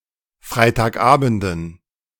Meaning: dative plural of Freitagabend
- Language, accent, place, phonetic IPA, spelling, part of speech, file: German, Germany, Berlin, [ˌfʁaɪ̯taːkˈʔaːbn̩dən], Freitagabenden, noun, De-Freitagabenden.ogg